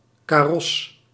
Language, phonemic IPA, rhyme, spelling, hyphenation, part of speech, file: Dutch, /kaːˈrɔs/, -ɔs, karos, ka‧ros, noun, Nl-karos.ogg
- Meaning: an official carriage (type of horse-drawn vehicle)